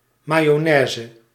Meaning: mayonnaise, a sauce or dressing made from raw egg yolks and oil
- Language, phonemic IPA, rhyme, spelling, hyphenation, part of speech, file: Dutch, /ˌmaː.joːˈnɛː.zə/, -ɛːzə, mayonaise, ma‧yo‧nai‧se, noun, Nl-mayonaise.ogg